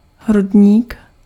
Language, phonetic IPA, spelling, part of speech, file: Czech, [ˈɦrudɲiːk], hrudník, noun, Cs-hrudník.ogg
- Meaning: chest, thorax